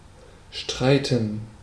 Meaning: to argue; to fight; to quarrel
- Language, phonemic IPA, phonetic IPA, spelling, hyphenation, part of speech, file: German, /ˈʃtʁaɪ̯tən/, [ˈʃtʁaɪ̯tn̩], streiten, strei‧ten, verb, De-streiten.ogg